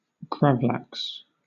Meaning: Salmon dry-cured in salt, seasoned with dill and sugar, and served usually thinly sliced as an appetizer
- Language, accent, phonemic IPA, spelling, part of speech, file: English, Southern England, /ˈɡɹavˌlaks/, gravlax, noun, LL-Q1860 (eng)-gravlax.wav